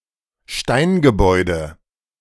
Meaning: stone building
- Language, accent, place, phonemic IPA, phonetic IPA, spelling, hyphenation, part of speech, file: German, Germany, Berlin, /ˈʃtaɪnɡəˌbɔʏ̯də/, [ˈʃtaɪnɡəˌbɔɪ̯də], Steingebäude, Stein‧ge‧bäu‧de, noun, De-Steingebäude.ogg